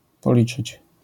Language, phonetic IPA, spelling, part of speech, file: Polish, [pɔˈlʲit͡ʃɨt͡ɕ], policzyć, verb, LL-Q809 (pol)-policzyć.wav